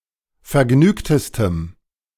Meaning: strong dative masculine/neuter singular superlative degree of vergnügt
- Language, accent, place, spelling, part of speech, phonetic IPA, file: German, Germany, Berlin, vergnügtestem, adjective, [fɛɐ̯ˈɡnyːktəstəm], De-vergnügtestem.ogg